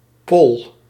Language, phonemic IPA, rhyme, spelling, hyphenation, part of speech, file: Dutch, /pɔl/, -ɔl, pol, pol, noun, Nl-pol.ogg
- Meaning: 1. a bundle of plants, with the soil it stands on or that hangs from it 2. a hand